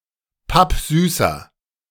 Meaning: inflection of pappsüß: 1. strong/mixed nominative masculine singular 2. strong genitive/dative feminine singular 3. strong genitive plural
- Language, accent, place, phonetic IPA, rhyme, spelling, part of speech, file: German, Germany, Berlin, [ˈpapˈzyːsɐ], -yːsɐ, pappsüßer, adjective, De-pappsüßer.ogg